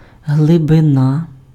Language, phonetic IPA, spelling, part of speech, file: Ukrainian, [ɦɫebeˈna], глибина, noun, Uk-глибина.ogg
- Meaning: depth